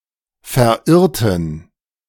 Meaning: inflection of verirren: 1. first/third-person plural preterite 2. first/third-person plural subjunctive II
- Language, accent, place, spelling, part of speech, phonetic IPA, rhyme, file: German, Germany, Berlin, verirrten, adjective / verb, [fɛɐ̯ˈʔɪʁtn̩], -ɪʁtn̩, De-verirrten.ogg